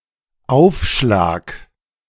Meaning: 1. impact (the force or energy of a collision of two objects) 2. lapel 3. serve (tennis, volleyball, etc.) 4. premium, markup, surcharge, bonus
- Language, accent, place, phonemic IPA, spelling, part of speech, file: German, Germany, Berlin, /ˈaʊ̯fˌʃlaːk/, Aufschlag, noun, De-Aufschlag.ogg